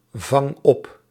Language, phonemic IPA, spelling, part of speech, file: Dutch, /ˈvɑŋ ˈɔp/, vang op, verb, Nl-vang op.ogg
- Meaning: inflection of opvangen: 1. first-person singular present indicative 2. second-person singular present indicative 3. imperative